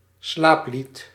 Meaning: a lullaby
- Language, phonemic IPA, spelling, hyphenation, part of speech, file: Dutch, /ˈslaːp.lit/, slaaplied, slaap‧lied, noun, Nl-slaaplied.ogg